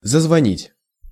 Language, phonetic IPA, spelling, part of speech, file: Russian, [zəzvɐˈnʲitʲ], зазвонить, verb, Ru-зазвонить.ogg
- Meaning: to start ringing